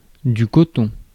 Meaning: cotton (material)
- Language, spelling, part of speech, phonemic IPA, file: French, coton, noun, /kɔ.tɔ̃/, Fr-coton.ogg